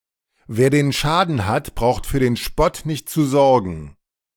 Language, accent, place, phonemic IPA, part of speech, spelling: German, Germany, Berlin, /ˌveːr den ˈʃaːdən hat ˌbraʊ̯xt fyːr den ˈʃpɔt nɪçt tsu ˌzɔrɡən/, proverb, wer den Schaden hat, braucht für den Spott nicht zu sorgen
- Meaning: when something bad happens to you, expect people to mock you on top of that